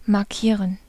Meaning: 1. to mark (indicate) 2. to tag (to mention a friend to notify)
- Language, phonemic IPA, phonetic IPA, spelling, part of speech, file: German, /maʁˈkiːʁən/, [maɐ̯ˈkʰiːɐ̯n], markieren, verb, De-markieren.ogg